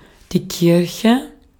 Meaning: 1. church (building) 2. church (organised religion, especially Catholicism) 3. an assembly
- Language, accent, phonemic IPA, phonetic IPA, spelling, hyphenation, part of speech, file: German, Austria, /ˈkɪʁçə/, [ˈkɪɐ̯xə], Kirche, Kir‧che, noun, De-at-Kirche.ogg